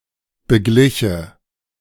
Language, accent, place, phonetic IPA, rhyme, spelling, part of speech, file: German, Germany, Berlin, [bəˈɡlɪçə], -ɪçə, begliche, verb, De-begliche.ogg
- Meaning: first/third-person singular subjunctive II of begleichen